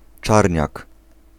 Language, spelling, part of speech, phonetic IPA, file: Polish, czarniak, noun, [ˈt͡ʃarʲɲak], Pl-czarniak.ogg